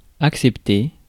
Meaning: past participle of accepter
- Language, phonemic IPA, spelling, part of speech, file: French, /ak.sɛp.te/, accepté, verb, Fr-accepté.ogg